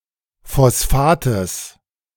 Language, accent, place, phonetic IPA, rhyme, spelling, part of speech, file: German, Germany, Berlin, [fɔsˈfaːtəs], -aːtəs, Phosphates, noun, De-Phosphates.ogg
- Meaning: genitive singular of Phosphat